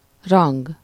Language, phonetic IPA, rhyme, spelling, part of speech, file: Hungarian, [ˈrɒŋɡ], -ɒŋɡ, rang, noun, Hu-rang.ogg
- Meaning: 1. rank 2. place, standing, status (in society)